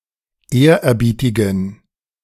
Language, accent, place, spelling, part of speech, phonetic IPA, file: German, Germany, Berlin, ehrerbietigen, adjective, [ˈeːɐ̯ʔɛɐ̯ˌbiːtɪɡn̩], De-ehrerbietigen.ogg
- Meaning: inflection of ehrerbietig: 1. strong genitive masculine/neuter singular 2. weak/mixed genitive/dative all-gender singular 3. strong/weak/mixed accusative masculine singular 4. strong dative plural